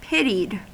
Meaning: simple past and past participle of pity
- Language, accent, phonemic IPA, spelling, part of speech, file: English, US, /ˈpɪtid/, pitied, verb, En-us-pitied.ogg